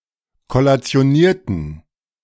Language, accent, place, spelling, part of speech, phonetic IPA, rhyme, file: German, Germany, Berlin, kollationierten, adjective / verb, [kɔlat͡si̯oˈniːɐ̯tn̩], -iːɐ̯tn̩, De-kollationierten.ogg
- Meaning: inflection of kollationieren: 1. first/third-person plural preterite 2. first/third-person plural subjunctive II